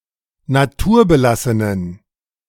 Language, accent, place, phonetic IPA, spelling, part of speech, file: German, Germany, Berlin, [naˈtuːɐ̯bəˌlasənən], naturbelassenen, adjective, De-naturbelassenen.ogg
- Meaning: inflection of naturbelassen: 1. strong genitive masculine/neuter singular 2. weak/mixed genitive/dative all-gender singular 3. strong/weak/mixed accusative masculine singular 4. strong dative plural